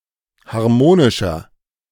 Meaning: 1. comparative degree of harmonisch 2. inflection of harmonisch: strong/mixed nominative masculine singular 3. inflection of harmonisch: strong genitive/dative feminine singular
- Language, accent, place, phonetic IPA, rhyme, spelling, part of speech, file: German, Germany, Berlin, [haʁˈmoːnɪʃɐ], -oːnɪʃɐ, harmonischer, adjective, De-harmonischer.ogg